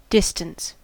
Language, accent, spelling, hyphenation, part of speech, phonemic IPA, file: English, General American, distance, dis‧tance, noun / verb, /ˈdɪst(ə)n(t)s/, En-us-distance.ogg
- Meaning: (noun) An amount of space between points (often geographical points), usually (but not necessarily) measured along a straight line